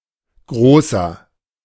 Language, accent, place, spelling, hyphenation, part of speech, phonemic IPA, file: German, Germany, Berlin, Großer, Gro‧ßer, noun, /ˈɡʁoːsɐ/, De-Großer.ogg
- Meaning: 1. great (referring to a male) 2. adult (male or of unspecified gender)